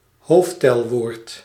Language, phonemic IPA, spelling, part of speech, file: Dutch, /ˈɦoːftɛlʋoːrt/, hoofdtelwoord, noun, Nl-hoofdtelwoord.ogg
- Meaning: cardinal number word, numeral